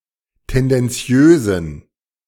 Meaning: inflection of tendenziös: 1. strong genitive masculine/neuter singular 2. weak/mixed genitive/dative all-gender singular 3. strong/weak/mixed accusative masculine singular 4. strong dative plural
- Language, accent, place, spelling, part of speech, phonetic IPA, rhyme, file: German, Germany, Berlin, tendenziösen, adjective, [ˌtɛndɛnˈt͡si̯øːzn̩], -øːzn̩, De-tendenziösen.ogg